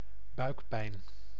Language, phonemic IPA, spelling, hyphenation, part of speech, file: Dutch, /ˈbœy̯k.pɛi̯n/, buikpijn, buik‧pijn, noun, Nl-buikpijn.ogg
- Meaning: bellyache, stomachache